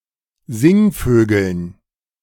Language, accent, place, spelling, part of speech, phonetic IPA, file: German, Germany, Berlin, Singvögeln, noun, [ˈzɪŋˌføːɡl̩n], De-Singvögeln.ogg
- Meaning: dative plural of Singvogel